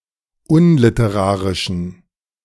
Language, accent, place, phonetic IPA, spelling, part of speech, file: German, Germany, Berlin, [ˈʊnlɪtəˌʁaːʁɪʃn̩], unliterarischen, adjective, De-unliterarischen.ogg
- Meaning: inflection of unliterarisch: 1. strong genitive masculine/neuter singular 2. weak/mixed genitive/dative all-gender singular 3. strong/weak/mixed accusative masculine singular 4. strong dative plural